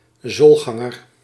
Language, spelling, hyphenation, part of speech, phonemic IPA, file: Dutch, zoolganger, zool‧gan‧ger, noun, /ˈzoːlˌɣɑ.ŋər/, Nl-zoolganger.ogg
- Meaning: plantigrade, an animal that walks using the entire sole of the foot